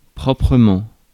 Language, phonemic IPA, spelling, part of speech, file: French, /pʁɔ.pʁə.mɑ̃/, proprement, adverb, Fr-proprement.ogg
- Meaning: 1. properly 2. cleanly (in a way which is not dirty)